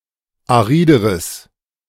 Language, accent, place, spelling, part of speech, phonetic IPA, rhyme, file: German, Germany, Berlin, arideres, adjective, [aˈʁiːdəʁəs], -iːdəʁəs, De-arideres.ogg
- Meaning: strong/mixed nominative/accusative neuter singular comparative degree of arid